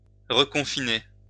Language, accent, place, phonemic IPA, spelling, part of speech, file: French, France, Lyon, /ʁə.kɔ̃.fi.ne/, reconfiner, verb, LL-Q150 (fra)-reconfiner.wav
- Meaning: to reconfine